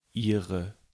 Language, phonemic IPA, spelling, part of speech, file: German, /ˈʔiːʁə/, ihre, determiner, De-ihre.ogg
- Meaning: inflection of ihr: 1. nominative/accusative feminine singular 2. nominative/accusative plural 3. her, its, their (referring to a feminine or plural noun in the nominative or accusative)